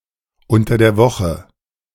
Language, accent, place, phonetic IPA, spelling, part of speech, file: German, Germany, Berlin, [ˈʊntɐ deːɐ̯ ˈvɔxə], unter der Woche, phrase, De-unter der Woche.ogg
- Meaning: during the week; on weekdays